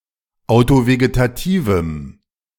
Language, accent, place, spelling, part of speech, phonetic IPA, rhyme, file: German, Germany, Berlin, autovegetativem, adjective, [aʊ̯toveɡetaˈtiːvm̩], -iːvm̩, De-autovegetativem.ogg
- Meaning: strong dative masculine/neuter singular of autovegetativ